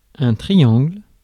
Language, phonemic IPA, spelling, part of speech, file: French, /tʁi.jɑ̃ɡl/, triangle, noun, Fr-triangle.ogg
- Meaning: 1. triangle (polygon) 2. triangle (percussion instrument)